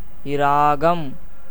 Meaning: 1. raga 2. music 3. desire, passion, love 4. bloom, color, tint
- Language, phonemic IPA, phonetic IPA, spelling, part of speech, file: Tamil, /ɪɾɑːɡɐm/, [ɪɾäːɡɐm], இராகம், noun, Ta-இராகம்.ogg